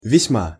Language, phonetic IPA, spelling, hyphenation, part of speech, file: Russian, [vʲɪsʲˈma], весьма, весь‧ма, adverb, Ru-весьма.ogg
- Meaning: 1. very, highly 2. quite, rather